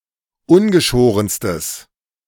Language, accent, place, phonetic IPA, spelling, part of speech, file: German, Germany, Berlin, [ˈʊnɡəˌʃoːʁənstəs], ungeschorenstes, adjective, De-ungeschorenstes.ogg
- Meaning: strong/mixed nominative/accusative neuter singular superlative degree of ungeschoren